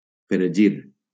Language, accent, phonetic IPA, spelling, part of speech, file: Catalan, Valencia, [fɾeˈd͡ʒiɾ], fregir, verb, LL-Q7026 (cat)-fregir.wav
- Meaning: to fry (cook in oil)